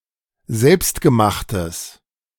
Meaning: strong/mixed nominative/accusative neuter singular of selbstgemacht
- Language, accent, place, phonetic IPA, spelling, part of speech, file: German, Germany, Berlin, [ˈzɛlpstɡəˌmaxtəs], selbstgemachtes, adjective, De-selbstgemachtes.ogg